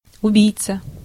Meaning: 1. murderer 2. assassin
- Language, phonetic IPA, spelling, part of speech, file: Russian, [ʊˈbʲijt͡sə], убийца, noun, Ru-убийца.ogg